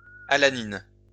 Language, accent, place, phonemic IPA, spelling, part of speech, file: French, France, Lyon, /a.la.nin/, alanine, noun, LL-Q150 (fra)-alanine.wav
- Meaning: alanine